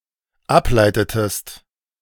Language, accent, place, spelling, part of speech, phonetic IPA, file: German, Germany, Berlin, ableitetest, verb, [ˈapˌlaɪ̯tətəst], De-ableitetest.ogg
- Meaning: inflection of ableiten: 1. second-person singular dependent preterite 2. second-person singular dependent subjunctive II